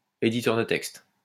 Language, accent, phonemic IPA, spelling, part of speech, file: French, France, /e.di.tœʁ də tɛkst/, éditeur de texte, noun, LL-Q150 (fra)-éditeur de texte.wav
- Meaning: text editor